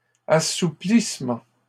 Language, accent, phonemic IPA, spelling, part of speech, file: French, Canada, /a.su.plis.mɑ̃/, assouplissement, noun, LL-Q150 (fra)-assouplissement.wav
- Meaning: 1. relaxation 2. softening